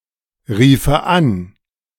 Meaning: first/third-person singular subjunctive II of anrufen
- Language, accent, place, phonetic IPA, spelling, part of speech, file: German, Germany, Berlin, [ˌʁiːfə ˈan], riefe an, verb, De-riefe an.ogg